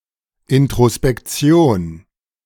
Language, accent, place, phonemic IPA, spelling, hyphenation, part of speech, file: German, Germany, Berlin, /ˌɪntʁospɛkˈt͡si̯oːn/, Introspektion, In‧t‧ro‧s‧pek‧ti‧on, noun, De-Introspektion.ogg
- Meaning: introspection